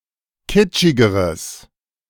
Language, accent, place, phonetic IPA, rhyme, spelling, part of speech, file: German, Germany, Berlin, [ˈkɪt͡ʃɪɡəʁəs], -ɪt͡ʃɪɡəʁəs, kitschigeres, adjective, De-kitschigeres.ogg
- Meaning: strong/mixed nominative/accusative neuter singular comparative degree of kitschig